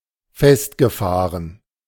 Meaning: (verb) past participle of festfahren; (adjective) entrenched, stuck, bogged down
- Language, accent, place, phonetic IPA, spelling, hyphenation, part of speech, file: German, Germany, Berlin, [ˈfɛstɡəˌfaːʁən], festgefahren, fest‧ge‧fah‧ren, verb / adjective, De-festgefahren.ogg